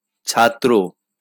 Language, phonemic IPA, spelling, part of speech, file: Bengali, /t͡ʃʰat̪ɾo/, ছাত্র, noun, LL-Q9610 (ben)-ছাত্র.wav
- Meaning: student